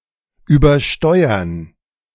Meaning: 1. to oversteer 2. to overdrive (an audio amplifier) leading to distorted audio or clipping
- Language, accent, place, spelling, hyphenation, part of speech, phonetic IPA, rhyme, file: German, Germany, Berlin, übersteuern, über‧steu‧ern, verb, [yːbɐˈʃtɔɪ̯ɐn], -ɔɪ̯ɐn, De-übersteuern.ogg